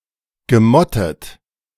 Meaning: past participle of motten
- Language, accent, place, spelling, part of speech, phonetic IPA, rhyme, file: German, Germany, Berlin, gemottet, verb, [ɡəˈmɔtət], -ɔtət, De-gemottet.ogg